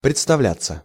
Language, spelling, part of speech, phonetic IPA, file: Russian, представляться, verb, [prʲɪt͡stɐˈvlʲat͡sːə], Ru-представляться.ogg
- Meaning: 1. to occur, to present itself; to offer, to arise 2. to introduce oneself 3. to seem 4. to pretend (to be), to pass oneself off (as) 5. passive of представля́ть (predstavljátʹ)